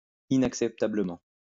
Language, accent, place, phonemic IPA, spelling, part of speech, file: French, France, Lyon, /i.nak.sɛp.ta.blə.mɑ̃/, inacceptablement, adverb, LL-Q150 (fra)-inacceptablement.wav
- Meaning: unacceptably